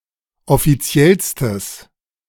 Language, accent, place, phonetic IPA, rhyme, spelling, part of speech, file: German, Germany, Berlin, [ɔfiˈt͡si̯ɛlstəs], -ɛlstəs, offiziellstes, adjective, De-offiziellstes.ogg
- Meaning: strong/mixed nominative/accusative neuter singular superlative degree of offiziell